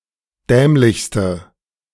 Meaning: inflection of dämlich: 1. strong/mixed nominative/accusative feminine singular superlative degree 2. strong nominative/accusative plural superlative degree
- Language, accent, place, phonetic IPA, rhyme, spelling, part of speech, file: German, Germany, Berlin, [ˈdɛːmlɪçstə], -ɛːmlɪçstə, dämlichste, adjective, De-dämlichste.ogg